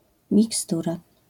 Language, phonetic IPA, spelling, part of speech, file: Polish, [mʲikˈstura], mikstura, noun, LL-Q809 (pol)-mikstura.wav